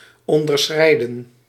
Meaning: 1. to stay in the boundary or limit 2. to subceed, to not exceed
- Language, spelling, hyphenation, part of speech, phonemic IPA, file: Dutch, onderschrijden, on‧der‧schrij‧den, verb, /ˌɔn.dərˈsxrɛi̯.də(n)/, Nl-onderschrijden.ogg